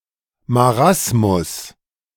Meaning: marasmus
- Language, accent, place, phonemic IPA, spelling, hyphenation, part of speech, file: German, Germany, Berlin, /maˈʁasmus/, Marasmus, Ma‧ras‧mus, noun, De-Marasmus.ogg